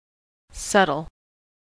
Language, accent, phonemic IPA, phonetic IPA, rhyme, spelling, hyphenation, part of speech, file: English, General American, /ˈsʌtəl/, [ˈsʌɾɫ̩], -ʌtəl, subtle, sub‧tle, adjective / noun / verb, En-us-subtle.ogg
- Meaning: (adjective) Senses relating to tangible things.: Of an action or movement: very delicate or slight, and thus barely noticeable; not obvious; inconspicuous, unintrusive